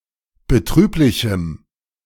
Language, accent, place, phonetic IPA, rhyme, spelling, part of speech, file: German, Germany, Berlin, [bəˈtʁyːplɪçm̩], -yːplɪçm̩, betrüblichem, adjective, De-betrüblichem.ogg
- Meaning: strong dative masculine/neuter singular of betrüblich